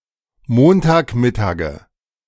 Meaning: nominative/accusative/genitive plural of Montagmittag
- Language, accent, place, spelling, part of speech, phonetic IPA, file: German, Germany, Berlin, Montagmittage, noun, [ˈmoːntaːkˌmɪtaːɡə], De-Montagmittage.ogg